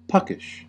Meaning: Having a tendency to play tricks on people or tease people by making silly jokes about them; mischievous
- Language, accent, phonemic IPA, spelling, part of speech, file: English, US, /ˈpʌkɪʃ/, puckish, adjective, En-us-puckish.ogg